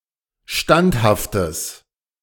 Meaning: strong/mixed nominative/accusative neuter singular of standhaft
- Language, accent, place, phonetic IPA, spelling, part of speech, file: German, Germany, Berlin, [ˈʃtanthaftəs], standhaftes, adjective, De-standhaftes.ogg